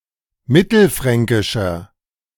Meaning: inflection of mittelfränkisch: 1. strong/mixed nominative masculine singular 2. strong genitive/dative feminine singular 3. strong genitive plural
- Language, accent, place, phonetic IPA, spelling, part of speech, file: German, Germany, Berlin, [ˈmɪtl̩ˌfʁɛŋkɪʃɐ], mittelfränkischer, adjective, De-mittelfränkischer.ogg